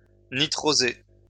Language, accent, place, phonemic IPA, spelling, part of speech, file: French, France, Lyon, /ni.tʁo.ze/, nitroser, verb, LL-Q150 (fra)-nitroser.wav
- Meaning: to nitrosate